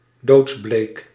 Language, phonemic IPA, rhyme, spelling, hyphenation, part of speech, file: Dutch, /doːtsˈbleːk/, -eːk, doodsbleek, doods‧bleek, adjective, Nl-doodsbleek.ogg
- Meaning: deathly pale, as pale as death